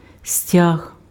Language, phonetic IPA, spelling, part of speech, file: Ukrainian, [sʲtʲaɦ], стяг, noun, Uk-стяг.ogg
- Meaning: 1. flag 2. ribbon